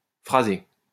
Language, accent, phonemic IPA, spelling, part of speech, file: French, France, /fʁa.ze/, fraser, verb, LL-Q150 (fra)-fraser.wav
- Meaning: to slowly mix yeast, flour and water